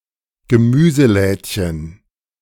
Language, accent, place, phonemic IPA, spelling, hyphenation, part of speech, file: German, Germany, Berlin, /ɡəˈmyːzəˌlɛːtçən/, Gemüselädchen, Ge‧mü‧se‧läd‧chen, noun, De-Gemüselädchen.ogg
- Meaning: diminutive of Gemüseladen